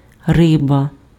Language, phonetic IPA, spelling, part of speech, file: Ukrainian, [ˈrɪbɐ], риба, noun, Uk-риба.ogg
- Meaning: fish